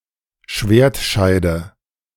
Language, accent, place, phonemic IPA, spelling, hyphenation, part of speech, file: German, Germany, Berlin, /ˈʃveːɐ̯tˌʃaɪ̯də/, Schwertscheide, Schwert‧schei‧de, noun, De-Schwertscheide.ogg
- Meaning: scabbard (sheath of a sword)